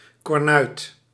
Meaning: 1. chum, companion, mate (usually a man) 2. cuckold
- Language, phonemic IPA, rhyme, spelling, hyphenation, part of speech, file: Dutch, /kɔrˈnœy̯t/, -œy̯t, kornuit, kor‧nuit, noun, Nl-kornuit.ogg